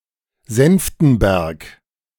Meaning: 1. a town, the administrative seat of Oberspreewald-Lausitz district, Brandenburg, Germany 2. a municipality of Krems-Land district, Lower Austria, Austria
- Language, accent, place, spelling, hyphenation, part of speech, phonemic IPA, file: German, Germany, Berlin, Senftenberg, Senf‧ten‧berg, proper noun, /ˈzɛnftn̩ˌbɛʁk/, De-Senftenberg.ogg